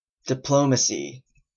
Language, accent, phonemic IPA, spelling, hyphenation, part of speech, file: English, Canada, /dɪˈploʊməsi/, diplomacy, di‧plo‧ma‧cy, noun, En-ca-diplomacy.oga